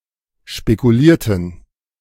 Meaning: inflection of spekulieren: 1. first/third-person plural preterite 2. first/third-person plural subjunctive II
- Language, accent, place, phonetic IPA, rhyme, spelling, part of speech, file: German, Germany, Berlin, [ʃpekuˈliːɐ̯tn̩], -iːɐ̯tn̩, spekulierten, adjective / verb, De-spekulierten.ogg